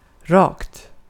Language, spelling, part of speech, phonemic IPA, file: Swedish, rakt, adverb / adjective, /rɑːkt/, Sv-rakt.ogg
- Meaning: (adverb) straight; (adjective) indefinite neuter singular of rak